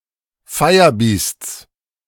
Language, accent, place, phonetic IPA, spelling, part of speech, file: German, Germany, Berlin, [ˈfaɪ̯ɐˌbiːst͡s], Feierbiests, noun, De-Feierbiests.ogg
- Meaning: genitive singular of Feierbiest